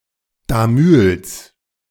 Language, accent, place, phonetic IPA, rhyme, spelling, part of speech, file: German, Germany, Berlin, [daˈmʏls], -ʏls, Damüls, proper noun, De-Damüls.ogg
- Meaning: a municipality of Vorarlberg, Austria